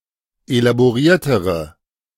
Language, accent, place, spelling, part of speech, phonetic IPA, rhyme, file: German, Germany, Berlin, elaboriertere, adjective, [elaboˈʁiːɐ̯təʁə], -iːɐ̯təʁə, De-elaboriertere.ogg
- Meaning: inflection of elaboriert: 1. strong/mixed nominative/accusative feminine singular comparative degree 2. strong nominative/accusative plural comparative degree